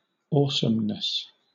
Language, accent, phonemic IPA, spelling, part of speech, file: English, Southern England, /ˈɔːsəmnəs/, awesomeness, noun, LL-Q1860 (eng)-awesomeness.wav
- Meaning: The quality of being awesome